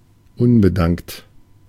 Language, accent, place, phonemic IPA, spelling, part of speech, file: German, Germany, Berlin, /ˈʊnbəˌdaŋkt/, unbedankt, adjective, De-unbedankt.ogg
- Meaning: unappreciated